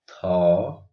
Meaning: The thirty-first character in the Odia abugida
- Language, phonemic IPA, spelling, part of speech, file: Odia, /t̪ʰɔ/, ଥ, character, Or-ଥ.oga